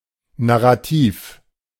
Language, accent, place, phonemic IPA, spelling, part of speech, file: German, Germany, Berlin, /naʁaˈtiːf/, Narrativ, noun, De-Narrativ.ogg
- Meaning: narrative (representation of an event or story in a way to promote a certain point of view)